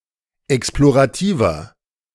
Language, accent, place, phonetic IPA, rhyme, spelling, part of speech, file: German, Germany, Berlin, [ˌɛksploʁaˈtiːvɐ], -iːvɐ, explorativer, adjective, De-explorativer.ogg
- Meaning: inflection of explorativ: 1. strong/mixed nominative masculine singular 2. strong genitive/dative feminine singular 3. strong genitive plural